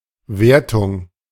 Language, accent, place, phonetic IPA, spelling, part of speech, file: German, Germany, Berlin, [ˈveːɐ̯tʊŋ], Wertung, noun, De-Wertung.ogg
- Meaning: 1. rating, score 2. assessment, evaluation, grading